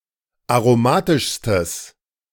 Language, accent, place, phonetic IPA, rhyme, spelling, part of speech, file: German, Germany, Berlin, [aʁoˈmaːtɪʃstəs], -aːtɪʃstəs, aromatischstes, adjective, De-aromatischstes.ogg
- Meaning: strong/mixed nominative/accusative neuter singular superlative degree of aromatisch